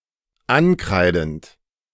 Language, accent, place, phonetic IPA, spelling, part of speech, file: German, Germany, Berlin, [ˈanˌkʁaɪ̯dn̩t], ankreidend, verb, De-ankreidend.ogg
- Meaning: present participle of ankreiden